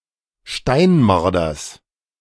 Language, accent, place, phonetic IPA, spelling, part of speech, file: German, Germany, Berlin, [ˈʃtaɪ̯nˌmaʁdɐs], Steinmarders, noun, De-Steinmarders.ogg
- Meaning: genitive singular of Steinmarder